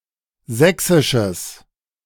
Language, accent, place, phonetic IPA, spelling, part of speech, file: German, Germany, Berlin, [ˈzɛksɪʃəs], sächsisches, adjective, De-sächsisches.ogg
- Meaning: strong/mixed nominative/accusative neuter singular of sächsisch